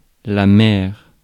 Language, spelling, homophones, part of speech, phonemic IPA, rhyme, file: French, mère, maire / maires / mer / mères / mers, noun, /mɛʁ/, -ɛʁ, Fr-mère.ogg
- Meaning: mother